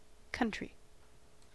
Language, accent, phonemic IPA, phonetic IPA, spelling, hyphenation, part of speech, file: English, US, /ˈkʌntɹi/, [ˈkʰʌnt̠ɹ̠̊˔ʷi], country, coun‧try, noun / adjective, En-us-country.ogg
- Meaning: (noun) The territory of a nation; a sovereign state or a region once independent and still distinct in institutions, language, etc